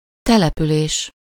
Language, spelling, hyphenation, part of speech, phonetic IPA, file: Hungarian, település, te‧le‧pü‧lés, noun, [ˈtɛlɛpyleːʃ], Hu-település.ogg
- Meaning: settlement